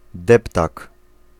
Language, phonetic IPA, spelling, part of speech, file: Polish, [ˈdɛptak], deptak, noun, Pl-deptak.ogg